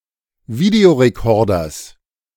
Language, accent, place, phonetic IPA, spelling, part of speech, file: German, Germany, Berlin, [ˈvideoʁeˌkɔʁdɐs], Videorekorders, noun, De-Videorekorders.ogg
- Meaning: genitive singular of Videorekorder